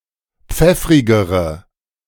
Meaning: inflection of pfeffrig: 1. strong/mixed nominative/accusative feminine singular comparative degree 2. strong nominative/accusative plural comparative degree
- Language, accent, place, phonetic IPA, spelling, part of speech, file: German, Germany, Berlin, [ˈp͡fɛfʁɪɡəʁə], pfeffrigere, adjective, De-pfeffrigere.ogg